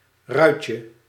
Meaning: 1. diminutive of ruit 2. diminutive of rui
- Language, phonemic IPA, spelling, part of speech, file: Dutch, /ˈrœycə/, ruitje, noun, Nl-ruitje.ogg